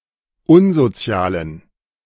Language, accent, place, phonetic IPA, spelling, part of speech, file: German, Germany, Berlin, [ˈʊnzoˌt͡si̯aːlən], unsozialen, adjective, De-unsozialen.ogg
- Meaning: inflection of unsozial: 1. strong genitive masculine/neuter singular 2. weak/mixed genitive/dative all-gender singular 3. strong/weak/mixed accusative masculine singular 4. strong dative plural